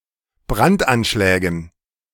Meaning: dative plural of Brandanschlag
- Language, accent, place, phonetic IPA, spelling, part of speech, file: German, Germany, Berlin, [ˈbʁantʔanˌʃlɛːɡn̩], Brandanschlägen, noun, De-Brandanschlägen.ogg